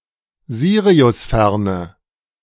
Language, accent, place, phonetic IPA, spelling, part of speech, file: German, Germany, Berlin, [ˈziːʁiʊsˌfɛʁnə], siriusferne, adjective, De-siriusferne.ogg
- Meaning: inflection of siriusfern: 1. strong/mixed nominative/accusative feminine singular 2. strong nominative/accusative plural 3. weak nominative all-gender singular